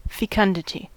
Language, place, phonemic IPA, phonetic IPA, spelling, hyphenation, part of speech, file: English, California, /fɪˈkʌndətɪ/, [fɪˈkʌndəɾɪ], fecundity, fe‧cun‧di‧ty, noun, En-us-fecundity.ogg
- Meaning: 1. Ability to produce offspring 2. Ability to cause growth or increase 3. Number, rate, or capacity of offspring production 4. Rate of production of young by a female